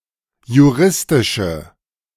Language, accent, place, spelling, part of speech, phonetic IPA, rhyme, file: German, Germany, Berlin, juristische, adjective, [juˈʁɪstɪʃə], -ɪstɪʃə, De-juristische.ogg
- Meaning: inflection of juristisch: 1. strong/mixed nominative/accusative feminine singular 2. strong nominative/accusative plural 3. weak nominative all-gender singular